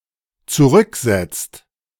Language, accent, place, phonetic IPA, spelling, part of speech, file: German, Germany, Berlin, [t͡suˈʁʏkˌzɛt͡st], zurücksetzt, verb, De-zurücksetzt.ogg
- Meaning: inflection of zurücksetzen: 1. second/third-person singular dependent present 2. second-person plural dependent present